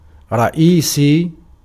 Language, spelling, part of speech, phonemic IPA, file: Arabic, رئيسي, adjective, /ra.ʔiː.sijj/, Ar-رئيسي.ogg
- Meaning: main, chief, principal, leading, cardinal